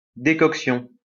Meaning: decoction
- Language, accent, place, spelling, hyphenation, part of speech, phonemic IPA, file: French, France, Lyon, décoction, dé‧coc‧tion, noun, /de.kɔk.sjɔ̃/, LL-Q150 (fra)-décoction.wav